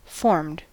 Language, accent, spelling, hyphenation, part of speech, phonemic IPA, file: English, US, formed, formed, verb / adjective, /fɔɹmd/, En-us-formed.ogg
- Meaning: simple past and past participle of form